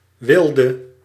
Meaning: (adjective) inflection of wild: 1. masculine/feminine singular attributive 2. definite neuter singular attributive 3. plural attributive; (noun) 1. savage, uncivilized person 2. brute
- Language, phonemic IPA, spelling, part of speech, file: Dutch, /ˈwɪldə/, wilde, noun / adjective / verb, Nl-wilde.ogg